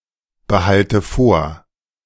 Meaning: inflection of vorbehalten: 1. first-person singular present 2. first/third-person singular subjunctive I 3. singular imperative
- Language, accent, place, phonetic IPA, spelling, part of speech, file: German, Germany, Berlin, [bəˌhaltə ˈfoːɐ̯], behalte vor, verb, De-behalte vor.ogg